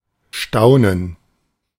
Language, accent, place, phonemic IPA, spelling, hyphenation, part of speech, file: German, Germany, Berlin, /ˈʃtaʊ̯nən/, staunen, stau‧nen, verb, De-staunen.ogg
- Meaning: to be amazed or astonished; to wonder or marvel